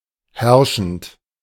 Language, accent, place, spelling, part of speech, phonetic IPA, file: German, Germany, Berlin, herrschend, adjective / verb, [ˈhɛʁʃn̩t], De-herrschend.ogg
- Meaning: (verb) present participle of herrschen; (adjective) 1. prevalent, prevailing 2. dominant, ruling, reigning